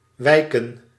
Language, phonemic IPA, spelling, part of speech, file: Dutch, /ˈʋɛi̯kə(n)/, wijken, verb / noun, Nl-wijken.ogg
- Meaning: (verb) 1. to yield, make way 2. to recede 3. to disappear; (noun) plural of wijk